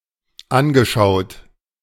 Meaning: past participle of anschauen
- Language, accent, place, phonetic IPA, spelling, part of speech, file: German, Germany, Berlin, [ˈanɡəˌʃaʊ̯t], angeschaut, verb, De-angeschaut.ogg